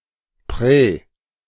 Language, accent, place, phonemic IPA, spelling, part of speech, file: German, Germany, Berlin, /prɛ(ː)/, prä-, prefix, De-prä-.ogg
- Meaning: pre-, fore-